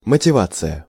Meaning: motivation
- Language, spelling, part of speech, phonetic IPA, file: Russian, мотивация, noun, [mətʲɪˈvat͡sɨjə], Ru-мотивация.ogg